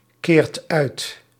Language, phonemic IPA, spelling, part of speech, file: Dutch, /ˈkert ˈœyt/, keert uit, verb, Nl-keert uit.ogg
- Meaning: inflection of uitkeren: 1. second/third-person singular present indicative 2. plural imperative